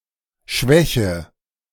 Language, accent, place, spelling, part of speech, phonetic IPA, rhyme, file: German, Germany, Berlin, schwäche, verb, [ˈʃvɛçə], -ɛçə, De-schwäche.ogg
- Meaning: inflection of schwächen: 1. first-person singular present 2. first/third-person singular subjunctive I 3. singular imperative